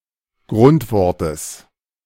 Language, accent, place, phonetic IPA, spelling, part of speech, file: German, Germany, Berlin, [ˈɡʁʊntˌvɔʁtəs], Grundwortes, noun, De-Grundwortes.ogg
- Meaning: genitive of Grundwort